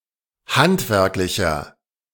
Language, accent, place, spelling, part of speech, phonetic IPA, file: German, Germany, Berlin, handwerklicher, adjective, [ˈhantvɛʁklɪçɐ], De-handwerklicher.ogg
- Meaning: inflection of handwerklich: 1. strong/mixed nominative masculine singular 2. strong genitive/dative feminine singular 3. strong genitive plural